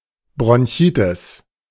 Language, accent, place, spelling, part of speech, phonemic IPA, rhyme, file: German, Germany, Berlin, Bronchitis, noun, /bʁɔnˈçiːtɪs/, -ɪs, De-Bronchitis.ogg
- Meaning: bronchitis